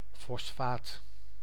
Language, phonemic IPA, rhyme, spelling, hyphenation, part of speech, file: Dutch, /fɔsˈfaːt/, -aːt, fosfaat, fos‧faat, noun, Nl-fosfaat.ogg
- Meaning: phosphate